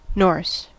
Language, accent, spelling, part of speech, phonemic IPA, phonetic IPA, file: English, US, Norse, adjective / noun / proper noun, /noɹs/, [no̞ɹs], En-us-Norse.ogg
- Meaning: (adjective) 1. Of or relating to the people, language and culture of Norway 2. Of or relating to the people, language and culture of Scandinavia